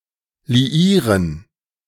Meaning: to ally, to associate, to establish a romantic relationship, to marry
- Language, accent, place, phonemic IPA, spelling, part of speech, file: German, Germany, Berlin, /liˈiːʁən/, liieren, verb, De-liieren.ogg